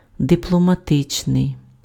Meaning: diplomatic
- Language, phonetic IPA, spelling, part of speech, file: Ukrainian, [depɫɔmɐˈtɪt͡ʃnei̯], дипломатичний, adjective, Uk-дипломатичний.ogg